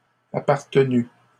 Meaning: past participle of appartenir
- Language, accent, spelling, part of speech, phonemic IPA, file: French, Canada, appartenu, verb, /a.paʁ.tə.ny/, LL-Q150 (fra)-appartenu.wav